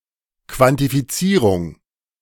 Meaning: quantification
- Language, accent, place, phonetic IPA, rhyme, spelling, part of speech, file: German, Germany, Berlin, [kvantifiˈt͡siːʁʊŋ], -iːʁʊŋ, Quantifizierung, noun, De-Quantifizierung.ogg